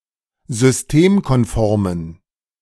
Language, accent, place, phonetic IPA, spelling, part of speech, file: German, Germany, Berlin, [zʏsˈteːmkɔnˌfɔʁmən], systemkonformen, adjective, De-systemkonformen.ogg
- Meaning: inflection of systemkonform: 1. strong genitive masculine/neuter singular 2. weak/mixed genitive/dative all-gender singular 3. strong/weak/mixed accusative masculine singular 4. strong dative plural